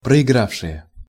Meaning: nominative plural of проигра́вший (proigrávšij)
- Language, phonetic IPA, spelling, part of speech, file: Russian, [prəɪˈɡrafʂɨje], проигравшие, noun, Ru-проигравшие.ogg